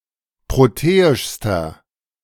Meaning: inflection of proteisch: 1. strong/mixed nominative masculine singular superlative degree 2. strong genitive/dative feminine singular superlative degree 3. strong genitive plural superlative degree
- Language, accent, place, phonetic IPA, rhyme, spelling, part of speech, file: German, Germany, Berlin, [ˌpʁoˈteːɪʃstɐ], -eːɪʃstɐ, proteischster, adjective, De-proteischster.ogg